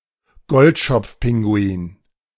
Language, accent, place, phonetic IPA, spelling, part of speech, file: German, Germany, Berlin, [ˈɡɔltʃɔp͡fˌpɪŋɡuiːn], Goldschopfpinguin, noun, De-Goldschopfpinguin.ogg
- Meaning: macaroni penguin